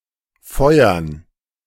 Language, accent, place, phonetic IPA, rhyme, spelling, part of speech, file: German, Germany, Berlin, [ˈfɔɪ̯ɐn], -ɔɪ̯ɐn, Feuern, noun, De-Feuern.ogg
- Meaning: dative plural of Feuer